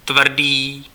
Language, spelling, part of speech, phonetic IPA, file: Czech, tvrdý, adjective, [ˈtvr̩diː], Cs-tvrdý.ogg
- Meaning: 1. hard (resistant to pressure) 2. difficult, hard (demanding a lot of effort to endure)